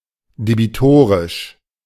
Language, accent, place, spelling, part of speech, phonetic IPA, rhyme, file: German, Germany, Berlin, debitorisch, adjective, [debiˈtoːʁɪʃ], -oːʁɪʃ, De-debitorisch.ogg
- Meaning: debtor